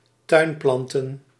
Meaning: plural of tuinplant
- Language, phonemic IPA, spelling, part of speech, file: Dutch, /ˈtœymplɑntə(n)/, tuinplanten, noun, Nl-tuinplanten.ogg